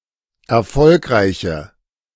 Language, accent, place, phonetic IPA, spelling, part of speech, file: German, Germany, Berlin, [ɛɐ̯ˈfɔlkʁaɪ̯çə], erfolgreiche, adjective, De-erfolgreiche.ogg
- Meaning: inflection of erfolgreich: 1. strong/mixed nominative/accusative feminine singular 2. strong nominative/accusative plural 3. weak nominative all-gender singular